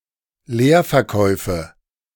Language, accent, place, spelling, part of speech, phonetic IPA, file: German, Germany, Berlin, Leerverkäufe, noun, [ˈleːɐ̯fɛɐ̯ˌkɔɪ̯fə], De-Leerverkäufe.ogg
- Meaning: nominative/accusative/genitive plural of Leerverkauf